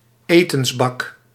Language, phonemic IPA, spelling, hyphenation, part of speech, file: Dutch, /ˈeː.tə(n)sˌbɑk/, etensbak, etens‧bak, noun, Nl-etensbak.ogg
- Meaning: food bowl, feeding bowl